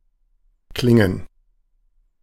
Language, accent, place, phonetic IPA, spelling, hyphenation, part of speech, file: German, Germany, Berlin, [ˈklɪŋən], Klingen, Klin‧gen, noun, De-Klingen.ogg
- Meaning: 1. gerund of klingen 2. plural of Klinge